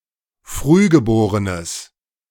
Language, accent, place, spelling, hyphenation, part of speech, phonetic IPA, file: German, Germany, Berlin, Frühgeborenes, Früh‧ge‧bo‧re‧nes, noun, [ˈfʁyːɡəˌboːʁənəs], De-Frühgeborenes.ogg
- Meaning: nominalization of frühgeborenes: premature baby (unspecified gender)